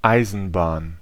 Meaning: 1. railway, railroad (transporting system) 2. train
- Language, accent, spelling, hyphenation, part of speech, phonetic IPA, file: German, Germany, Eisenbahn, Ei‧sen‧bahn, noun, [ˈaɪ̯zn̩ˌbaːn], De-Eisenbahn.ogg